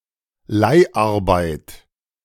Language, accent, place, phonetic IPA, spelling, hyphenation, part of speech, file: German, Germany, Berlin, [ˈlaɪ̯ʔaʁbaɪ̯t], Leiharbeit, Leih‧ar‧beit, noun, De-Leiharbeit.ogg
- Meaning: leased work